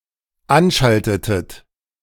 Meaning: inflection of anschalten: 1. second-person plural dependent preterite 2. second-person plural dependent subjunctive II
- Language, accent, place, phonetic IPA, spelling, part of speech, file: German, Germany, Berlin, [ˈanˌʃaltətət], anschaltetet, verb, De-anschaltetet.ogg